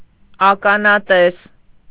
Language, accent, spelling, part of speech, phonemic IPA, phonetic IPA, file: Armenian, Eastern Armenian, ականատես, noun, /ɑkɑnɑˈtes/, [ɑkɑnɑtés], Hy-ականատես.ogg
- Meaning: eyewitness